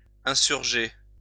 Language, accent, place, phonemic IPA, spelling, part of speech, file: French, France, Lyon, /ɛ̃.syʁ.ʒe/, insurger, verb, LL-Q150 (fra)-insurger.wav
- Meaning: to rise up, to protest (against)